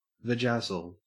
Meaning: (noun) A cosmetic treatment in which jewels are placed on a woman's vulva and/or pubic area; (verb) To decorate a woman's vulva and/or pubic area with jewels
- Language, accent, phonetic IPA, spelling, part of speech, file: English, Australia, [vəˈd͡ʒæzl̩], vajazzle, noun / verb, En-au-vajazzle.ogg